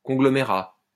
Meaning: conglomerate
- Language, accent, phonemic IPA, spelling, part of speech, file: French, France, /kɔ̃.ɡlɔ.me.ʁa/, conglomérat, noun, LL-Q150 (fra)-conglomérat.wav